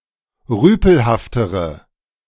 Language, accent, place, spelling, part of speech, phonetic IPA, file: German, Germany, Berlin, rüpelhaftere, adjective, [ˈʁyːpl̩haftəʁə], De-rüpelhaftere.ogg
- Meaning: inflection of rüpelhaft: 1. strong/mixed nominative/accusative feminine singular comparative degree 2. strong nominative/accusative plural comparative degree